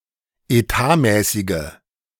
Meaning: inflection of etatmäßig: 1. strong/mixed nominative/accusative feminine singular 2. strong nominative/accusative plural 3. weak nominative all-gender singular
- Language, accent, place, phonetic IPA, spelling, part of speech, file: German, Germany, Berlin, [eˈtaːˌmɛːsɪɡə], etatmäßige, adjective, De-etatmäßige.ogg